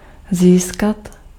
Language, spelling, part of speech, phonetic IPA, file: Czech, získat, verb, [ˈziːskat], Cs-získat.ogg
- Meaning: to gain, obtain, to earn, to win